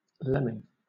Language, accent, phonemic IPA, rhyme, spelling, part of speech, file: English, Southern England, /lɛm.ɪŋ/, -ɛmɪŋ, lemming, noun, LL-Q1860 (eng)-lemming.wav
- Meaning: A small arctic and subarctic rodent of the tribes Lemmini, Dicrostonychini and Lagurini